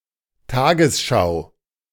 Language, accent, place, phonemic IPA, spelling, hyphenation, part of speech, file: German, Germany, Berlin, /ˈtaːɡəsˌʃaʊ̯/, Tagesschau, Ta‧ges‧schau, proper noun / noun, De-Tagesschau.ogg
- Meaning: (proper noun) 1. the television newscast of ARD 2. the television newscast of SRF 3. the television newscast of Rai Südtirol